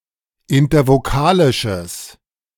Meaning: strong/mixed nominative/accusative neuter singular of intervokalisch
- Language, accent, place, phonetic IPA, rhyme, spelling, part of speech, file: German, Germany, Berlin, [ɪntɐvoˈkaːlɪʃəs], -aːlɪʃəs, intervokalisches, adjective, De-intervokalisches.ogg